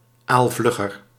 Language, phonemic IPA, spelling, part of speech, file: Dutch, /alsˈvlʏxər/, aalvlugger, adjective, Nl-aalvlugger.ogg
- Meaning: comparative degree of aalvlug